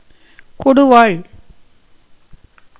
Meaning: 1. pruning knife, bill-hook, sickle 2. battle-axe
- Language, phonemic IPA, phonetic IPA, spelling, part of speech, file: Tamil, /koɖʊʋɑːɭ/, [ko̞ɖʊʋäːɭ], கொடுவாள், noun, Ta-கொடுவாள்.ogg